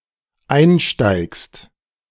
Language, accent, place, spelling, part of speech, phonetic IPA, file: German, Germany, Berlin, einsteigst, verb, [ˈaɪ̯nˌʃtaɪ̯kst], De-einsteigst.ogg
- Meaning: second-person singular dependent present of einsteigen